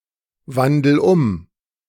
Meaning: inflection of umwandeln: 1. first-person singular present 2. singular imperative
- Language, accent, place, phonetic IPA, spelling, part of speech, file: German, Germany, Berlin, [ˌvandl̩ ˈʊm], wandel um, verb, De-wandel um.ogg